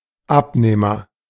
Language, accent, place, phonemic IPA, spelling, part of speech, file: German, Germany, Berlin, /ˈapneːmɐ/, Abnehmer, noun, De-Abnehmer.ogg
- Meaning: consumer, buyer (of male or unspecified sex)